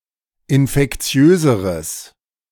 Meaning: strong/mixed nominative/accusative neuter singular comparative degree of infektiös
- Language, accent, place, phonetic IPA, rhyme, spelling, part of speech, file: German, Germany, Berlin, [ɪnfɛkˈt͡si̯øːzəʁəs], -øːzəʁəs, infektiöseres, adjective, De-infektiöseres.ogg